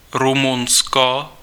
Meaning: Romania (a country in Southeastern Europe)
- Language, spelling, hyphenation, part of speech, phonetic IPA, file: Czech, Rumunsko, Ru‧mun‧sko, proper noun, [ˈrumunsko], Cs-Rumunsko.ogg